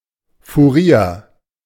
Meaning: 1. quartermaster 2. accountant, bookkeeper
- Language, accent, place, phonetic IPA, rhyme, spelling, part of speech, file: German, Germany, Berlin, [fuˈʁiːɐ̯], -iːɐ̯, Furier, noun, De-Furier.ogg